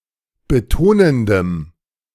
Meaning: strong dative masculine/neuter singular of betonend
- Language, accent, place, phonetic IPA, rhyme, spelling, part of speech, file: German, Germany, Berlin, [bəˈtoːnəndəm], -oːnəndəm, betonendem, adjective, De-betonendem.ogg